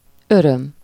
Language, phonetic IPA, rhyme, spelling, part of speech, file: Hungarian, [ˈørøm], -øm, öröm, noun, Hu-öröm.ogg
- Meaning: joy, pleasure